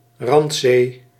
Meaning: marginal sea
- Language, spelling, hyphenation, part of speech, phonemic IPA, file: Dutch, randzee, rand‧zee, noun, /ˈrɑnt.seː/, Nl-randzee.ogg